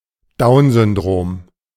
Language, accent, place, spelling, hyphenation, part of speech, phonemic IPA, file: German, Germany, Berlin, Downsyndrom, Down‧syn‧drom, noun, /ˈdaʊ̯nzʏnˌdʁoːm/, De-Downsyndrom.ogg
- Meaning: Down syndrome / Down's syndrome (Down’s syndrome)